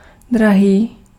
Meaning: 1. dear, expensive 2. dear, precious, valuable 3. dear (loved)
- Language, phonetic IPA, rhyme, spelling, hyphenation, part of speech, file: Czech, [ˈdraɦiː], -aɦiː, drahý, dra‧hý, adjective, Cs-drahý.ogg